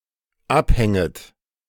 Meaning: second-person plural dependent subjunctive I of abhängen
- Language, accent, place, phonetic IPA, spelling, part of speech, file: German, Germany, Berlin, [ˈapˌhɛŋət], abhänget, verb, De-abhänget.ogg